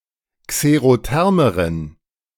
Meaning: inflection of xerotherm: 1. strong genitive masculine/neuter singular comparative degree 2. weak/mixed genitive/dative all-gender singular comparative degree
- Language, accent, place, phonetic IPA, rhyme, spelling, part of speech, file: German, Germany, Berlin, [kseʁoˈtɛʁməʁən], -ɛʁməʁən, xerothermeren, adjective, De-xerothermeren.ogg